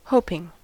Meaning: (verb) present participle and gerund of hope; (adjective) Filled with or inspiring hope
- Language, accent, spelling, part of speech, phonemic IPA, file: English, US, hoping, verb / adjective / noun, /ˈhoʊpɪŋ/, En-us-hoping.ogg